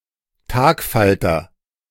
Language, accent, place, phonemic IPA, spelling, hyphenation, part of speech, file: German, Germany, Berlin, /ˈtaːkˌfaltɐ/, Tagfalter, Tag‧fal‧ter, noun, De-Tagfalter.ogg
- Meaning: butterfly